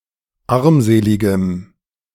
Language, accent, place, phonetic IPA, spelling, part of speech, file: German, Germany, Berlin, [ˈaʁmˌzeːlɪɡəm], armseligem, adjective, De-armseligem.ogg
- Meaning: strong dative masculine/neuter singular of armselig